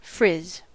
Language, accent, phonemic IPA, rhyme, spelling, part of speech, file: English, US, /fɹɪz/, -ɪz, frizz, verb / noun, En-us-frizz.ogg
- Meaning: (verb) 1. Of hair, to form into a mass of tight curls 2. To curl; to make frizzy 3. To form into little burs, knobs, or tufts, as the nap of cloth